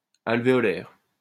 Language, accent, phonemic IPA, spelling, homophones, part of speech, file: French, France, /al.ve.ɔ.lɛʁ/, alvéolaire, alvéolaires, adjective, LL-Q150 (fra)-alvéolaire.wav
- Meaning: alveolar